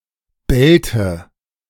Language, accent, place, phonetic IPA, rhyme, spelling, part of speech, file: German, Germany, Berlin, [ˈbɛltə], -ɛltə, Belte, noun, De-Belte.ogg
- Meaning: 1. nominative/accusative/genitive plural of Belt 2. dative singular of Belt